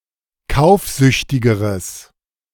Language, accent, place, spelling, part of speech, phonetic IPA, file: German, Germany, Berlin, kaufsüchtigeres, adjective, [ˈkaʊ̯fˌzʏçtɪɡəʁəs], De-kaufsüchtigeres.ogg
- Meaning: strong/mixed nominative/accusative neuter singular comparative degree of kaufsüchtig